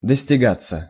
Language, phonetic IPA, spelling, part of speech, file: Russian, [dəsʲtʲɪˈɡat͡sːə], достигаться, verb, Ru-достигаться.ogg
- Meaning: passive of достига́ть (dostigátʹ)